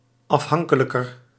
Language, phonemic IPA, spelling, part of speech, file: Dutch, /ɑfˈɦɑŋkələkər/, afhankelijker, adjective, Nl-afhankelijker.ogg
- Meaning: comparative degree of afhankelijk